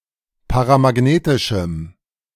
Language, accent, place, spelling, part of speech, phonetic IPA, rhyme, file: German, Germany, Berlin, paramagnetischem, adjective, [paʁamaˈɡneːtɪʃm̩], -eːtɪʃm̩, De-paramagnetischem.ogg
- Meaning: strong dative masculine/neuter singular of paramagnetisch